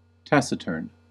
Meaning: Silent; temperamentally untalkative; disinclined to speak
- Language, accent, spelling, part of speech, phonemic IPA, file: English, US, taciturn, adjective, /ˈtæs.ɪˌtɝn/, En-us-taciturn.ogg